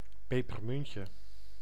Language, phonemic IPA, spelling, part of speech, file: Dutch, /ˌpepərˈmʏncə/, pepermuntje, noun, Nl-pepermuntje.ogg
- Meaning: diminutive of pepermunt